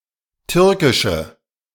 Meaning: inflection of türkisch: 1. strong/mixed nominative/accusative feminine singular 2. strong nominative/accusative plural 3. weak nominative all-gender singular
- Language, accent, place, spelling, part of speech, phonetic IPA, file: German, Germany, Berlin, türkische, adjective, [ˈtʏʁkɪʃə], De-türkische.ogg